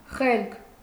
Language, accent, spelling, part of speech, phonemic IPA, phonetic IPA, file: Armenian, Eastern Armenian, խելք, noun, /χelkʰ/, [χelkʰ], Hy-խելք.ogg
- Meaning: brains; mind; wit, intellect; intelligence